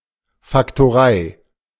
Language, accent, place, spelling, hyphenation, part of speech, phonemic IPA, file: German, Germany, Berlin, Faktorei, Fak‧to‧rei, noun, /faktoˈʁaɪ̯/, De-Faktorei.ogg
- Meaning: trading post